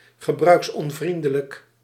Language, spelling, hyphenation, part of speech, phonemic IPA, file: Dutch, gebruiksonvriendelijk, ge‧bruiks‧on‧vrien‧de‧lijk, adjective, /ɣəˌbrœy̯ks.ɔnˈvrin.də.lək/, Nl-gebruiksonvriendelijk.ogg
- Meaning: use-unfriendly, user-unfriendly